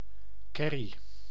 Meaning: 1. curry powder 2. curry (dish) 3. curry sauce
- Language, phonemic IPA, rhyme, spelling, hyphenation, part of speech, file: Dutch, /ˈkɛ.ri/, -ɛri, kerrie, ker‧rie, noun, Nl-kerrie.ogg